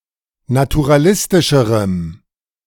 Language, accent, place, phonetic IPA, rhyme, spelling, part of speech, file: German, Germany, Berlin, [natuʁaˈlɪstɪʃəʁəm], -ɪstɪʃəʁəm, naturalistischerem, adjective, De-naturalistischerem.ogg
- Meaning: strong dative masculine/neuter singular comparative degree of naturalistisch